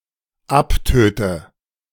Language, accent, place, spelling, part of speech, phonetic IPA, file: German, Germany, Berlin, abtöte, verb, [ˈapˌtøːtə], De-abtöte.ogg
- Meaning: inflection of abtöten: 1. first-person singular dependent present 2. first/third-person singular dependent subjunctive I